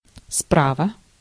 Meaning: 1. on the right, to the right 2. from the right
- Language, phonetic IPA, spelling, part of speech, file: Russian, [ˈspravə], справа, adverb, Ru-справа.ogg